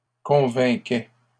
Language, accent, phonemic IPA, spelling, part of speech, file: French, Canada, /kɔ̃.vɛ̃.kɛ/, convainquaient, verb, LL-Q150 (fra)-convainquaient.wav
- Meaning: third-person plural imperfect indicative of convaincre